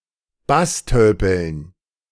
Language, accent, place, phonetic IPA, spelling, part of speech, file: German, Germany, Berlin, [ˈbasˌtœlpl̩n], Basstölpeln, noun, De-Basstölpeln.ogg
- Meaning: dative plural of Basstölpel